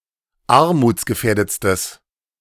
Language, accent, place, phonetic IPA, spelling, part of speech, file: German, Germany, Berlin, [ˈaʁmuːt͡sɡəˌfɛːɐ̯dət͡stəs], armutsgefährdetstes, adjective, De-armutsgefährdetstes.ogg
- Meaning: strong/mixed nominative/accusative neuter singular superlative degree of armutsgefährdet